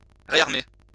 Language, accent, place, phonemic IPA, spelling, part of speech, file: French, France, Lyon, /ʁe.aʁ.me/, réarmer, verb, LL-Q150 (fra)-réarmer.wav
- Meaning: to rearm (with weaponry)